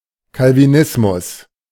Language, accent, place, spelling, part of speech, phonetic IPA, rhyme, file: German, Germany, Berlin, Calvinismus, noun, [kalviˈnɪsmʊs], -ɪsmʊs, De-Calvinismus.ogg
- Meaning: Calvinism